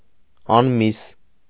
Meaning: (adjective) 1. meatless 2. thin, emaciated; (adverb) 1. meatlessly 2. thinly
- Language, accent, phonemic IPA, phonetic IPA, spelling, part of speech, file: Armenian, Eastern Armenian, /ɑnˈmis/, [ɑnmís], անմիս, adjective / adverb, Hy-անմիս.ogg